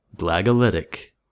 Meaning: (adjective) 1. Of or written with the Glagolitic alphabet 2. Denoting Slavic Roman Catholic rites in Dalmatia
- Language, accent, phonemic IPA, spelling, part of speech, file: English, US, /ˌɡlæɡəˈlɪtɪk/, Glagolitic, adjective / proper noun, En-us-Glagolitic.ogg